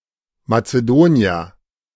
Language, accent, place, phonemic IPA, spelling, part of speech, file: German, Germany, Berlin, /mat͡səˈdoːni̯ɐ/, Mazedonier, noun, De-Mazedonier.ogg
- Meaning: person from Macedonia; Macedonian